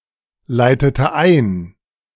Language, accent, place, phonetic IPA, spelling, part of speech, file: German, Germany, Berlin, [ˌlaɪ̯tətə ˈaɪ̯n], leitete ein, verb, De-leitete ein.ogg
- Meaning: inflection of einleiten: 1. first/third-person singular preterite 2. first/third-person singular subjunctive II